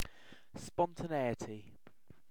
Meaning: 1. The quality of being spontaneous 2. Spontaneous behaviour 3. The tendency to undergo change, characteristic of both animal and vegetable organisms, and not restrained or checked by the environment
- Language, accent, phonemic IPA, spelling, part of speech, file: English, UK, /ˈspɒn.tə.neɪ.ə.ti/, spontaneity, noun, En-uk-spontaneity.ogg